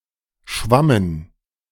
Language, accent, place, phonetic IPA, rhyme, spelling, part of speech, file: German, Germany, Berlin, [ˈʃvamən], -amən, schwammen, verb, De-schwammen.ogg
- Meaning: first/third-person plural preterite of schwimmen